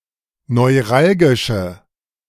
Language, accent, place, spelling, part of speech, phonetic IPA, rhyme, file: German, Germany, Berlin, neuralgische, adjective, [nɔɪ̯ˈʁalɡɪʃə], -alɡɪʃə, De-neuralgische.ogg
- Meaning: inflection of neuralgisch: 1. strong/mixed nominative/accusative feminine singular 2. strong nominative/accusative plural 3. weak nominative all-gender singular